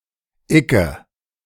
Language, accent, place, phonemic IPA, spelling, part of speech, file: German, Germany, Berlin, /ˈɪkə/, icke, pronoun, De-icke.ogg
- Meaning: I, me